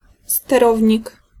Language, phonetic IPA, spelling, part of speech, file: Polish, [stɛˈrɔvʲɲik], sterownik, noun, Pl-sterownik.ogg